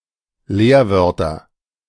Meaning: nominative/accusative/genitive plural of Leerwort
- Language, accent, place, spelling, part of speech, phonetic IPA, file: German, Germany, Berlin, Leerwörter, noun, [ˈleːɐ̯ˌvœʁtɐ], De-Leerwörter.ogg